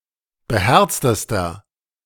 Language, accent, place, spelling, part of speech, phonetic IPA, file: German, Germany, Berlin, beherztester, adjective, [bəˈhɛʁt͡stəstɐ], De-beherztester.ogg
- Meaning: inflection of beherzt: 1. strong/mixed nominative masculine singular superlative degree 2. strong genitive/dative feminine singular superlative degree 3. strong genitive plural superlative degree